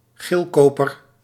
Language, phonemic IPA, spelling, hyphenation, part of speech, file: Dutch, /ˈɣeːlˌkoː.pər/, geelkoper, geel‧ko‧per, noun, Nl-geelkoper.ogg
- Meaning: brass